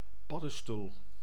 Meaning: superseded spelling of paddenstoel
- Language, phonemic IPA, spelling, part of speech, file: Dutch, /ˈpɑdə(n)stul/, paddestoel, noun, Nl-paddestoel.ogg